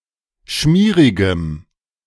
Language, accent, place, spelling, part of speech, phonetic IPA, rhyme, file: German, Germany, Berlin, schmierigem, adjective, [ˈʃmiːʁɪɡəm], -iːʁɪɡəm, De-schmierigem.ogg
- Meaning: strong dative masculine/neuter singular of schmierig